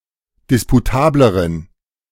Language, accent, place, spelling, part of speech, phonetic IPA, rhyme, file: German, Germany, Berlin, disputableren, adjective, [ˌdɪspuˈtaːbləʁən], -aːbləʁən, De-disputableren.ogg
- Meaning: inflection of disputabel: 1. strong genitive masculine/neuter singular comparative degree 2. weak/mixed genitive/dative all-gender singular comparative degree